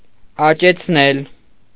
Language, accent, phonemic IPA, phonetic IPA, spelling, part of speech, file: Armenian, Eastern Armenian, /ɑt͡ʃet͡sʰˈnel/, [ɑt͡ʃet͡sʰnél], աճեցնել, verb, Hy-աճեցնել.ogg
- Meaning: 1. causative of աճել (ačel) 2. causative of աճել (ačel): to grow, cultivate, breed